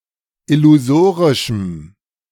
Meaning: strong dative masculine/neuter singular of illusorisch
- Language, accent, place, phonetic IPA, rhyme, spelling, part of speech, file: German, Germany, Berlin, [ɪluˈzoːʁɪʃm̩], -oːʁɪʃm̩, illusorischem, adjective, De-illusorischem.ogg